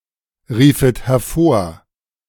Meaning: second-person plural subjunctive I of hervorrufen
- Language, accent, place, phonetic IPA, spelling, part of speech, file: German, Germany, Berlin, [ˌʁiːfət hɛɐ̯ˈfoːɐ̯], riefet hervor, verb, De-riefet hervor.ogg